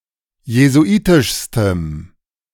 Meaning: strong dative masculine/neuter singular superlative degree of jesuitisch
- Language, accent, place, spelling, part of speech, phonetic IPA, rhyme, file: German, Germany, Berlin, jesuitischstem, adjective, [jezuˈʔiːtɪʃstəm], -iːtɪʃstəm, De-jesuitischstem.ogg